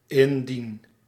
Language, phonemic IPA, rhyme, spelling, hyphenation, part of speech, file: Dutch, /ɪnˈdin/, -in, indien, in‧dien, conjunction, Nl-indien.ogg
- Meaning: if